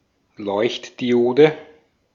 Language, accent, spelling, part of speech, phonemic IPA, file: German, Austria, Leuchtdiode, noun, /ˈlɔɪ̯çtdiˌʔoːdə/, De-at-Leuchtdiode.ogg
- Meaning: light-emitting diode, LED